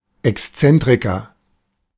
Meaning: eccentric
- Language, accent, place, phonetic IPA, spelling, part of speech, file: German, Germany, Berlin, [ɛksˈt͡sɛntʁɪkɐ], Exzentriker, noun, De-Exzentriker.ogg